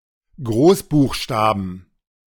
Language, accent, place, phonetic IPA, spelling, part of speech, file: German, Germany, Berlin, [ˈɡʁoːsbuːxˌʃtaːbn̩], Großbuchstaben, noun, De-Großbuchstaben.ogg
- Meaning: plural of Großbuchstabe